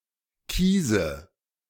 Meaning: inflection of kiesen: 1. first-person singular present 2. first/third-person singular subjunctive I 3. singular imperative
- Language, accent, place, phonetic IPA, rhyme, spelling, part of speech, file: German, Germany, Berlin, [ˈkiːzə], -iːzə, kiese, verb, De-kiese.ogg